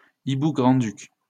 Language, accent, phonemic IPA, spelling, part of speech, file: French, France, /i.bu ɡʁɑ̃.dyk/, hibou grand-duc, noun, LL-Q150 (fra)-hibou grand-duc.wav
- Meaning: Eurasian eagle owl (Bubo bubo)